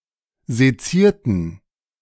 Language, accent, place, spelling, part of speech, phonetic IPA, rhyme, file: German, Germany, Berlin, sezierten, adjective / verb, [zeˈt͡siːɐ̯tn̩], -iːɐ̯tn̩, De-sezierten.ogg
- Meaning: inflection of sezieren: 1. first/third-person plural preterite 2. first/third-person plural subjunctive II